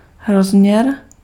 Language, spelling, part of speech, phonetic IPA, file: Czech, rozměr, noun, [ˈrozm̩ɲɛr], Cs-rozměr.ogg
- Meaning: dimension (measure of spatial extent)